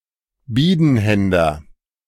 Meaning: a two-hander, a two-handed sword such as a claymore
- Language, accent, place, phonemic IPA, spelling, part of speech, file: German, Germany, Berlin, /ˈbiːdənˌhɛndɐ/, Bidenhänder, noun, De-Bidenhänder.ogg